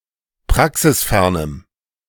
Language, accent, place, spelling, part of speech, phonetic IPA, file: German, Germany, Berlin, praxisfernem, adjective, [ˈpʁaksɪsˌfɛʁnəm], De-praxisfernem.ogg
- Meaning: strong dative masculine/neuter singular of praxisfern